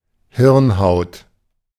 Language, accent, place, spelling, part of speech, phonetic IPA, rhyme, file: German, Germany, Berlin, Hirnhaut, noun, [ˈhɪʁnˌhaʊ̯t], -ɪʁnhaʊ̯t, De-Hirnhaut.ogg
- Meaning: meninges